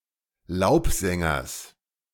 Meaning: genitive singular of Laubsänger
- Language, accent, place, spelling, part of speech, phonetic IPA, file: German, Germany, Berlin, Laubsängers, noun, [ˈlaʊ̯pˌzɛŋɐs], De-Laubsängers.ogg